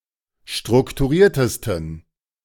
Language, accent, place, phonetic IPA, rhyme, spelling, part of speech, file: German, Germany, Berlin, [ˌʃtʁʊktuˈʁiːɐ̯təstn̩], -iːɐ̯təstn̩, strukturiertesten, adjective, De-strukturiertesten.ogg
- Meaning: 1. superlative degree of strukturiert 2. inflection of strukturiert: strong genitive masculine/neuter singular superlative degree